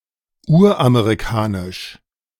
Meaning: 1. Native American, proto-American 2. prototypically American
- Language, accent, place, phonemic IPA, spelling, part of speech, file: German, Germany, Berlin, /ˈuːɐ̯ʔameʁiˌkaːnɪʃ/, uramerikanisch, adjective, De-uramerikanisch.ogg